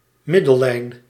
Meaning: 1. diameter (diametrical chord) 2. equator
- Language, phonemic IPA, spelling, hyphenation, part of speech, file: Dutch, /ˈmɪ.də(l)ˌlɛi̯n/, middellijn, mid‧del‧lijn, noun, Nl-middellijn.ogg